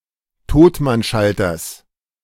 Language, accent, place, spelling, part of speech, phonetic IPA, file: German, Germany, Berlin, Totmannschalters, noun, [ˈtoːtmanˌʃaltɐs], De-Totmannschalters.ogg
- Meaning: genitive singular of Totmannschalter